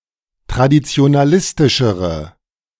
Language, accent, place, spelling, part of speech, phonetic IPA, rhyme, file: German, Germany, Berlin, traditionalistischere, adjective, [tʁadit͡si̯onaˈlɪstɪʃəʁə], -ɪstɪʃəʁə, De-traditionalistischere.ogg
- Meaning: inflection of traditionalistisch: 1. strong/mixed nominative/accusative feminine singular comparative degree 2. strong nominative/accusative plural comparative degree